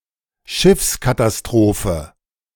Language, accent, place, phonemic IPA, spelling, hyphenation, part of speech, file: German, Germany, Berlin, /ˈʃɪfskatasˌtʁoːfə/, Schiffskatastrophe, Schiffs‧ka‧ta‧s‧tro‧phe, noun, De-Schiffskatastrophe.ogg
- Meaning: ship disaster